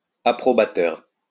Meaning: approving
- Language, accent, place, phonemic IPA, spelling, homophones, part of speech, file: French, France, Lyon, /a.pʁɔ.ba.tœʁ/, approbateur, approbateurs, adjective, LL-Q150 (fra)-approbateur.wav